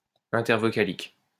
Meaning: intervocalic
- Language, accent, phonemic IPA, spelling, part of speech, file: French, France, /ɛ̃.tɛʁ.vɔ.ka.lik/, intervocalique, adjective, LL-Q150 (fra)-intervocalique.wav